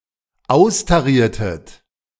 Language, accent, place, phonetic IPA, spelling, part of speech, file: German, Germany, Berlin, [ˈaʊ̯staˌʁiːɐ̯tət], austariertet, verb, De-austariertet.ogg
- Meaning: inflection of austarieren: 1. second-person plural dependent preterite 2. second-person plural dependent subjunctive II